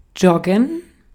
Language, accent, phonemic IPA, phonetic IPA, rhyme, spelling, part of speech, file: German, Austria, /ˈd͡ʒɔɡən/, [ˈd͡ʒɔɡŋ̍], -ɔɡən, joggen, verb, De-at-joggen.ogg
- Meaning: 1. to jog 2. to get oneself into a certain state by jogging